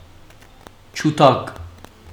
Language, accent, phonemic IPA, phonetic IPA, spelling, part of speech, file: Armenian, Western Armenian, /t͡ʃuˈtɑɡ/, [t͡ʃʰutʰɑ́ɡ], ջութակ, noun, HyW-ջութակ.ogg
- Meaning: violin